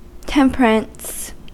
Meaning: Habitual moderation in regard to the indulgence of the natural appetites and passions; restrained or moderate indulgence
- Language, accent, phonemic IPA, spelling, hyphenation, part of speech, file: English, US, /ˈtɛmpəɹəns/, temperance, tem‧per‧ance, noun, En-us-temperance.ogg